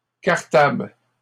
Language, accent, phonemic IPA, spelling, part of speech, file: French, Canada, /kaʁ.tabl/, cartables, noun, LL-Q150 (fra)-cartables.wav
- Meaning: plural of cartable